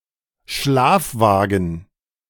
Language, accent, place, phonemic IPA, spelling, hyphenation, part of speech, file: German, Germany, Berlin, /ˈʃlaːfˌvaːɡn̩/, Schlafwagen, Schlaf‧wa‧gen, noun, De-Schlafwagen.ogg
- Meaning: sleeping car